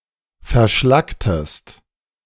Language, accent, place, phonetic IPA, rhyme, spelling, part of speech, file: German, Germany, Berlin, [fɛɐ̯ˈʃlaktəst], -aktəst, verschlacktest, verb, De-verschlacktest.ogg
- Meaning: inflection of verschlacken: 1. second-person singular preterite 2. second-person singular subjunctive II